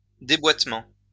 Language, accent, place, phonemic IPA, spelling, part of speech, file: French, France, Lyon, /de.bwat.mɑ̃/, déboîtement, noun, LL-Q150 (fra)-déboîtement.wav
- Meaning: dislocation